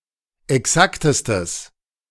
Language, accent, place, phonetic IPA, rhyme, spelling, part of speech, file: German, Germany, Berlin, [ɛˈksaktəstəs], -aktəstəs, exaktestes, adjective, De-exaktestes.ogg
- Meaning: strong/mixed nominative/accusative neuter singular superlative degree of exakt